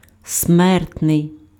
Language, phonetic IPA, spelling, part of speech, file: Ukrainian, [ˈsmɛrtnei̯], смертний, adjective, Uk-смертний.ogg
- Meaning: 1. mortal (susceptible to death; not immortal) 2. death, capital (involving punishment by death)